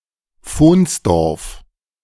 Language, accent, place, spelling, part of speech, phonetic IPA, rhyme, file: German, Germany, Berlin, Fohnsdorf, proper noun, [ˈfoːnsˌdɔʁf], -oːnsdɔʁf, De-Fohnsdorf.ogg
- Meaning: a municipality of Styria, Austria